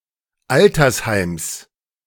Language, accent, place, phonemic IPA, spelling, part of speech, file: German, Germany, Berlin, /ˈʔaltɐsˌhaɪ̯ms/, Altersheims, noun, De-Altersheims.ogg
- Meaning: genitive singular of Altersheim